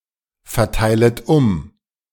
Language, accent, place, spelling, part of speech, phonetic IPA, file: German, Germany, Berlin, verteilet um, verb, [fɛɐ̯ˌtaɪ̯lət ˈʊm], De-verteilet um.ogg
- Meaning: second-person plural subjunctive I of umverteilen